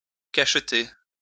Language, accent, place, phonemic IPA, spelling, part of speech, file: French, France, Lyon, /kaʃ.te/, cacheter, verb, LL-Q150 (fra)-cacheter.wav
- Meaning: to seal (put a seal on a letter, a package, a wine bottle, etc.)